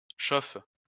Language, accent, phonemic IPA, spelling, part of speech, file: French, France, /ʃof/, chauffe, verb, LL-Q150 (fra)-chauffe.wav
- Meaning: inflection of chauffer: 1. first/third-person singular present indicative/subjunctive 2. second-person singular imperative